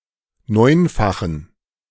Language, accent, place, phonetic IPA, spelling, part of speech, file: German, Germany, Berlin, [ˈnɔɪ̯nfaxn̩], neunfachen, adjective, De-neunfachen.ogg
- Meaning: inflection of neunfach: 1. strong genitive masculine/neuter singular 2. weak/mixed genitive/dative all-gender singular 3. strong/weak/mixed accusative masculine singular 4. strong dative plural